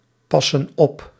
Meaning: inflection of oppassen: 1. plural present indicative 2. plural present subjunctive
- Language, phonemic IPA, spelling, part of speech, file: Dutch, /ˈpɑsə(n) ˈɔp/, passen op, verb, Nl-passen op.ogg